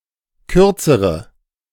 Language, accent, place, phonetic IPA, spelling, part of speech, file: German, Germany, Berlin, [ˈkʏʁt͡səʁə], kürzere, adjective, De-kürzere.ogg
- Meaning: inflection of kurz: 1. strong/mixed nominative/accusative feminine singular comparative degree 2. strong nominative/accusative plural comparative degree